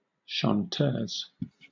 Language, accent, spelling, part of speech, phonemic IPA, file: English, Southern England, chanteuse, noun, /ʃɒnˈtɜːz/, LL-Q1860 (eng)-chanteuse.wav
- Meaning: A female singer; often specifically a popular or cabaret singer